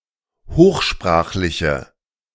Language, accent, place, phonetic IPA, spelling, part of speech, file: German, Germany, Berlin, [ˈhoːxˌʃpʁaːxlɪçə], hochsprachliche, adjective, De-hochsprachliche.ogg
- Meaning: inflection of hochsprachlich: 1. strong/mixed nominative/accusative feminine singular 2. strong nominative/accusative plural 3. weak nominative all-gender singular